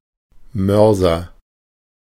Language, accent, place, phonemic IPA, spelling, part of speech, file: German, Germany, Berlin, /ˈmœrzər/, Mörser, noun, De-Mörser.ogg
- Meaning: 1. mortar (vessel for crushing) 2. mortar and pestle (Stößel) seen as a single tool 3. mortar (cannon for shells)